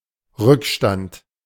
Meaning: 1. residue 2. backlog 3. arrears
- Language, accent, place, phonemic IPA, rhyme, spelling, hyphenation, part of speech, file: German, Germany, Berlin, /ˈʁʏkˌʃtant/, -ant, Rückstand, Rück‧stand, noun, De-Rückstand.ogg